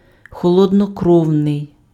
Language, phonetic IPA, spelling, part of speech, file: Ukrainian, [xɔɫɔdnɔˈkrɔu̯nei̯], холоднокровний, adjective, Uk-холоднокровний.ogg
- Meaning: 1. cold-blooded 2. cool, calm (in control of oneself; maintaining composure, possessing sang-froid) 3. cold-blooded (lacking emotion or compunction)